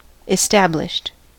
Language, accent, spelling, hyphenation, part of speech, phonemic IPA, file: English, US, established, es‧tab‧lished, verb / adjective, /ɪˈstæb.lɪʃt/, En-us-established.ogg
- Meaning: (verb) simple past and past participle of establish; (adjective) Having been in existence for a long time and therefore recognized and generally accepted